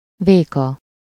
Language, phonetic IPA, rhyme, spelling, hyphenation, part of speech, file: Hungarian, [ˈveːkɒ], -kɒ, véka, vé‧ka, noun, Hu-véka.ogg
- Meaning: 1. bushel (a vessel for measuring or holding grains) 2. bushel (an old dry measure of about 25–30 liter, three pecks, or six gallons; the amount changed region to region)